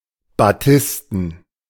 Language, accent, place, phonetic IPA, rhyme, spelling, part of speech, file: German, Germany, Berlin, [baˈtɪstn̩], -ɪstn̩, batisten, adjective, De-batisten.ogg
- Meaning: batiste